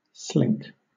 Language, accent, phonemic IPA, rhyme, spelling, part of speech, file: English, Southern England, /slɪŋk/, -ɪŋk, slink, verb / noun / adjective, LL-Q1860 (eng)-slink.wav
- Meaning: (verb) 1. To sneak about furtively 2. To give birth to an animal prematurely; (noun) 1. A furtive sneaking motion 2. The young of an animal when born prematurely, especially a calf